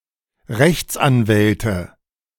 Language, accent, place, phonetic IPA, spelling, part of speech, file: German, Germany, Berlin, [ˈʁɛçt͡sʔanˌvɛltə], Rechtsanwälte, noun, De-Rechtsanwälte.ogg
- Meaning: plural of Rechtsanwalt